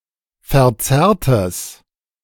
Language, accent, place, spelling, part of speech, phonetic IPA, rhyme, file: German, Germany, Berlin, verzerrtes, adjective, [fɛɐ̯ˈt͡sɛʁtəs], -ɛʁtəs, De-verzerrtes.ogg
- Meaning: strong/mixed nominative/accusative neuter singular of verzerrt